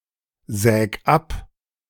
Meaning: 1. singular imperative of absägen 2. first-person singular present of absägen
- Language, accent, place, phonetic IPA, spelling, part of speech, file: German, Germany, Berlin, [ˌzɛːk ˈap], säg ab, verb, De-säg ab.ogg